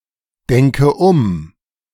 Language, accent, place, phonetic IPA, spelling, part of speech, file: German, Germany, Berlin, [ˌdɛŋkə ˈʊm], denke um, verb, De-denke um.ogg
- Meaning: inflection of umdenken: 1. first-person singular present 2. first/third-person singular subjunctive I 3. singular imperative